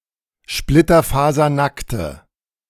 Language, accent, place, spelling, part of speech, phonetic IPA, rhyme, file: German, Germany, Berlin, splitterfasernackte, adjective, [ˌʃplɪtɐfaːzɐˈnaktə], -aktə, De-splitterfasernackte.ogg
- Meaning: inflection of splitterfasernackt: 1. strong/mixed nominative/accusative feminine singular 2. strong nominative/accusative plural 3. weak nominative all-gender singular